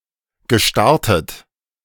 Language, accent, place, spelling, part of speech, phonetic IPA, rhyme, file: German, Germany, Berlin, gestartet, verb, [ɡəˈʃtaʁtət], -aʁtət, De-gestartet.ogg
- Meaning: past participle of starten